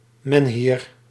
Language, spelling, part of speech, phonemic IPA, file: Dutch, menhir, noun, /ˈmɛnhɪr/, Nl-menhir.ogg
- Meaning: menhir